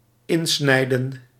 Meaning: to cut into, carve into, incise
- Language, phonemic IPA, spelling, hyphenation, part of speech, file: Dutch, /ˈɪn.snɛi̯.də(n)/, insnijden, in‧snij‧den, verb, Nl-insnijden.ogg